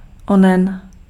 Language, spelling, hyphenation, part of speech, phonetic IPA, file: Czech, onen, onen, pronoun, [ˈonɛn], Cs-onen.ogg
- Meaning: 1. referring to something distant 2. referring to something well known